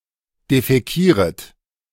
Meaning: second-person plural subjunctive I of defäkieren
- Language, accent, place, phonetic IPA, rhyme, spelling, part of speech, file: German, Germany, Berlin, [defɛˈkiːʁət], -iːʁət, defäkieret, verb, De-defäkieret.ogg